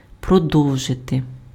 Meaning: to continue
- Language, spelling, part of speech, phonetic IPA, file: Ukrainian, продовжити, verb, [prɔˈdɔu̯ʒete], Uk-продовжити.ogg